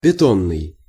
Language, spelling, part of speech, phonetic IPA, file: Russian, бетонный, adjective, [bʲɪˈtonːɨj], Ru-бетонный.ogg
- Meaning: concrete (made of concrete)